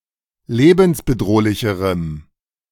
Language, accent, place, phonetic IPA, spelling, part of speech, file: German, Germany, Berlin, [ˈleːbn̩sbəˌdʁoːlɪçəʁəm], lebensbedrohlicherem, adjective, De-lebensbedrohlicherem.ogg
- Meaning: strong dative masculine/neuter singular comparative degree of lebensbedrohlich